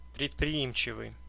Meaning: enterprising, businesslike
- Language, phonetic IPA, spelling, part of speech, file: Russian, [prʲɪtprʲɪˈimt͡ɕɪvɨj], предприимчивый, adjective, Ru-предприимчивый.ogg